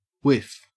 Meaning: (noun) 1. A brief, gentle breeze; a light gust of air; a waft 2. A short inhalation or exhalation of breath, especially when accompanied by smoke from a cigarette or pipe
- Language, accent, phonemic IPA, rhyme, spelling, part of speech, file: English, Australia, /wɪf/, -ɪf, whiff, noun / verb / adjective / interjection, En-au-whiff.ogg